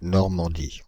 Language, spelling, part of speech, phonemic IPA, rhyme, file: French, Normandie, proper noun, /nɔʁ.mɑ̃.di/, -i, Fr-Normandie.ogg
- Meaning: Normandy (an administrative region, historical province, and medieval kingdom in northwest France, on the English Channel)